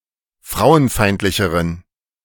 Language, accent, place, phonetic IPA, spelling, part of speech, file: German, Germany, Berlin, [ˈfʁaʊ̯ənˌfaɪ̯ntlɪçəʁən], frauenfeindlicheren, adjective, De-frauenfeindlicheren.ogg
- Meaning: inflection of frauenfeindlich: 1. strong genitive masculine/neuter singular comparative degree 2. weak/mixed genitive/dative all-gender singular comparative degree